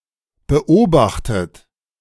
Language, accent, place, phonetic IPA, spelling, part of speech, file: German, Germany, Berlin, [bəˈʔoːbaxtət], beobachtet, verb, De-beobachtet.ogg
- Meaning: 1. past participle of beobachten 2. inflection of beobachten: third-person singular present 3. inflection of beobachten: second-person plural present